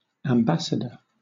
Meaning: 1. A diplomat of the highest rank sent to a foreign court to represent there their sovereign or country. (Sometimes called ambassador-in-residence) 2. An official messenger and representative
- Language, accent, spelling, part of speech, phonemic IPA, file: English, Southern England, ambassador, noun, /æmˈbæs.ə.də(ɹ)/, LL-Q1860 (eng)-ambassador.wav